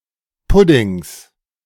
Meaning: genitive singular of Pudding
- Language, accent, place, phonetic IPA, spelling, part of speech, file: German, Germany, Berlin, [ˈpʊdɪŋs], Puddings, noun, De-Puddings.ogg